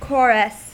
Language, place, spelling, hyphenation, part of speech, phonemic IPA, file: English, California, chorus, chor‧us, noun / verb, /ˈkoɹəs/, En-us-chorus.ogg
- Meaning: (noun) 1. A group of singers and dancers in a theatrical performance or religious festival who commented on the main performance in speech or song 2. A song performed by the singers of such a group